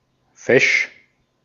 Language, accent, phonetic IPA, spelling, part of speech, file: German, Austria, [fɛʃ], fesch, adjective, De-at-fesch.ogg
- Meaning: 1. nice-looking, stylish, athletic-looking 2. nice, friendly